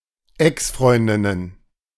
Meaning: plural of Exfreundin
- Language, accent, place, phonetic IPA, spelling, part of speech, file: German, Germany, Berlin, [ˈɛksˌfʁɔɪ̯ndɪnən], Exfreundinnen, noun, De-Exfreundinnen.ogg